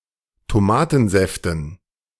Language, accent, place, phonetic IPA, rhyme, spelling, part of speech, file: German, Germany, Berlin, [toˈmaːtn̩ˌzɛftn̩], -aːtn̩zɛftn̩, Tomatensäften, noun, De-Tomatensäften.ogg
- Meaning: dative plural of Tomatensaft